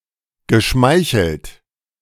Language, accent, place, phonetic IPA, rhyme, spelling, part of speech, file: German, Germany, Berlin, [ɡəˈʃmaɪ̯çl̩t], -aɪ̯çl̩t, geschmeichelt, verb, De-geschmeichelt.ogg
- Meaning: past participle of schmeicheln